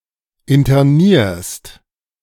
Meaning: second-person singular present of internieren
- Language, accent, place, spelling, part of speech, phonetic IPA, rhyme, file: German, Germany, Berlin, internierst, verb, [ɪntɐˈniːɐ̯st], -iːɐ̯st, De-internierst.ogg